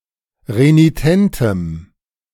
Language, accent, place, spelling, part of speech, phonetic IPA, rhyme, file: German, Germany, Berlin, renitentem, adjective, [ʁeniˈtɛntəm], -ɛntəm, De-renitentem.ogg
- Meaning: strong dative masculine/neuter singular of renitent